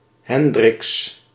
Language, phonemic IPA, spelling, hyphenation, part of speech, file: Dutch, /ˈɦɛn.drɪks/, Hendriks, Hen‧driks, proper noun, Nl-Hendriks.ogg
- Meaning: a surname originating as a patronymic